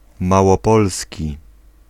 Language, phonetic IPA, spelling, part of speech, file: Polish, [ˌmawɔˈpɔlsʲci], małopolski, adjective, Pl-małopolski.ogg